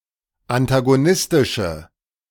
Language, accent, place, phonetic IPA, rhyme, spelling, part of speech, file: German, Germany, Berlin, [antaɡoˈnɪstɪʃə], -ɪstɪʃə, antagonistische, adjective, De-antagonistische.ogg
- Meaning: inflection of antagonistisch: 1. strong/mixed nominative/accusative feminine singular 2. strong nominative/accusative plural 3. weak nominative all-gender singular